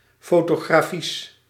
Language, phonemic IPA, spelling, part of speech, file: Dutch, /ˌfotoɣraˈfis/, fotografies, noun, Nl-fotografies.ogg
- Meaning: superseded spelling of fotografisch